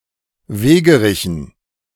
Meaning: dative plural of Wegerich
- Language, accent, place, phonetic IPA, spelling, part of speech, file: German, Germany, Berlin, [ˈveːɡəˌʁɪçn̩], Wegerichen, noun, De-Wegerichen.ogg